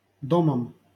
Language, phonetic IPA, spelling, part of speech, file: Russian, [ˈdoməm], домом, noun, LL-Q7737 (rus)-домом.wav
- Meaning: instrumental singular of дом (dom)